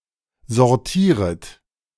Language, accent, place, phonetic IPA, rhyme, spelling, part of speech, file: German, Germany, Berlin, [zɔʁˈtiːʁət], -iːʁət, sortieret, verb, De-sortieret.ogg
- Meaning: second-person plural subjunctive I of sortieren